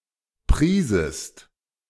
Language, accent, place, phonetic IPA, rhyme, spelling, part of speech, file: German, Germany, Berlin, [ˈpʁiːzəst], -iːzəst, priesest, verb, De-priesest.ogg
- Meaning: second-person singular subjunctive II of preisen